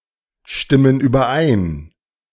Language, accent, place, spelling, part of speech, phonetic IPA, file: German, Germany, Berlin, stimmen überein, verb, [ˌʃtɪmən yːbɐˈʔaɪ̯n], De-stimmen überein.ogg
- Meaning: inflection of übereinstimmen: 1. first/third-person plural present 2. first/third-person plural subjunctive I